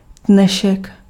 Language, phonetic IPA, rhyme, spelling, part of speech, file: Czech, [ˈdnɛʃɛk], -ɛʃɛk, dnešek, noun, Cs-dnešek.ogg
- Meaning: today